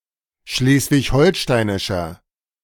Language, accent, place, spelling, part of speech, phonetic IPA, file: German, Germany, Berlin, schleswig-holsteinischer, adjective, [ˈʃleːsvɪçˈhɔlʃtaɪ̯nɪʃɐ], De-schleswig-holsteinischer.ogg
- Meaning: inflection of schleswig-holsteinisch: 1. strong/mixed nominative masculine singular 2. strong genitive/dative feminine singular 3. strong genitive plural